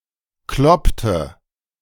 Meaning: inflection of kloppen: 1. first/third-person singular preterite 2. first/third-person singular subjunctive II
- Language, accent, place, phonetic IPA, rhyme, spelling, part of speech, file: German, Germany, Berlin, [ˈklɔptə], -ɔptə, kloppte, verb, De-kloppte.ogg